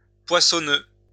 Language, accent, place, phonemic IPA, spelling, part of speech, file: French, France, Lyon, /pwa.sɔ.nø/, poissonneux, adjective, LL-Q150 (fra)-poissonneux.wav
- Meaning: full of fish, abundant in fish, fishful